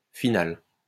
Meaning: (adjective) feminine singular of final; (noun) ellipsis of partie finale: final, finals (game between the last two competitors remaining in the running, in elimination tournaments)
- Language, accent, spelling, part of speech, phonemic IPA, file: French, France, finale, adjective / noun, /fi.nal/, LL-Q150 (fra)-finale.wav